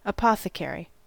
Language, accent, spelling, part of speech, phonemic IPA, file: English, US, apothecary, noun, /əˈpɑθəˌkɛəɹi/, En-us-apothecary.ogg
- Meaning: Synonym of pharmacist: a person who sells medicine, especially (historical) one who made and sold their own medicines in the medieval or early modern eras